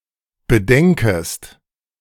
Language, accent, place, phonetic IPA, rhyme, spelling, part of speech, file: German, Germany, Berlin, [bəˈdɛŋkəst], -ɛŋkəst, bedenkest, verb, De-bedenkest.ogg
- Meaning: second-person singular subjunctive I of bedenken